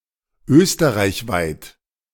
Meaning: Austria-wide, in or across all of Austria
- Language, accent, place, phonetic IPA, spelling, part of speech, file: German, Germany, Berlin, [ˈøːstəʁaɪ̯çˌvaɪ̯t], österreichweit, adjective, De-österreichweit.ogg